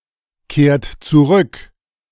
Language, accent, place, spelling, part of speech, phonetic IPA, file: German, Germany, Berlin, kehrt zurück, verb, [ˌkeːɐ̯t t͡suˈʁʏk], De-kehrt zurück.ogg
- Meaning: inflection of zurückkehren: 1. third-person singular present 2. second-person plural present 3. plural imperative